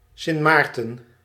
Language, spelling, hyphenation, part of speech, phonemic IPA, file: Dutch, Sint Maarten, Sint Maar‧ten, proper noun, /ˌsɪnt ˈmaːr.tə(n)/, Nl-Sint Maarten.ogg
- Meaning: Sint Maarten (a dependent territory and constituent country of the Netherlands, located on the southern half of the island of Saint Martin in the Caribbean Sea)